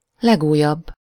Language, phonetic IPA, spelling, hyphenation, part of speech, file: Hungarian, [ˈlɛɡuːjɒbː], legújabb, leg‧újabb, adjective, Hu-legújabb.ogg
- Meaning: superlative degree of új